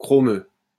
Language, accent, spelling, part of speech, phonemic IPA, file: French, France, chromeux, adjective, /kʁɔ.mø/, LL-Q150 (fra)-chromeux.wav
- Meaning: chromous